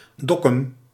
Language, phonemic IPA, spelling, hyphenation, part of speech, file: Dutch, /ˈdɔ.kʏm/, Dokkum, Dok‧kum, proper noun, Nl-Dokkum.ogg
- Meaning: a city and former municipality of Noardeast-Fryslân, Friesland, Netherlands